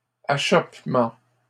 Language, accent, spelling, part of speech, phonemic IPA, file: French, Canada, achoppement, noun, /a.ʃɔp.mɑ̃/, LL-Q150 (fra)-achoppement.wav
- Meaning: stumble; trip